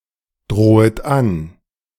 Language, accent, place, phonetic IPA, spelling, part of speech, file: German, Germany, Berlin, [ˌdʁoːət ˈan], drohet an, verb, De-drohet an.ogg
- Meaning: second-person plural subjunctive I of androhen